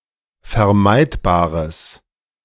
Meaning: strong/mixed nominative/accusative neuter singular of vermeidbar
- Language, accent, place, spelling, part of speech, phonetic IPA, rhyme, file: German, Germany, Berlin, vermeidbares, adjective, [fɛɐ̯ˈmaɪ̯tbaːʁəs], -aɪ̯tbaːʁəs, De-vermeidbares.ogg